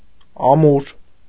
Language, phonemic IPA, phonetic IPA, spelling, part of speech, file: Armenian, /ɑˈmuɾ/, [ɑmúɾ], Ամուր, proper noun, Hy-Ամուր2.ogg
- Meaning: Amur (a river in Russia)